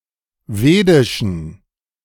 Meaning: inflection of vedisch: 1. strong genitive masculine/neuter singular 2. weak/mixed genitive/dative all-gender singular 3. strong/weak/mixed accusative masculine singular 4. strong dative plural
- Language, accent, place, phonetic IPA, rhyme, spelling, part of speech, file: German, Germany, Berlin, [ˈveːdɪʃn̩], -eːdɪʃn̩, vedischen, adjective, De-vedischen.ogg